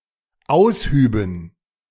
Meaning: first/third-person plural dependent subjunctive II of ausheben
- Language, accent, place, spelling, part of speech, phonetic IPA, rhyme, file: German, Germany, Berlin, aushüben, verb, [ˈaʊ̯sˌhyːbn̩], -aʊ̯shyːbn̩, De-aushüben.ogg